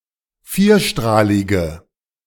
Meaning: inflection of vierstrahlig: 1. strong/mixed nominative/accusative feminine singular 2. strong nominative/accusative plural 3. weak nominative all-gender singular
- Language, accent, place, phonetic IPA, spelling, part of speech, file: German, Germany, Berlin, [ˈfiːɐ̯ˌʃtʁaːlɪɡə], vierstrahlige, adjective, De-vierstrahlige.ogg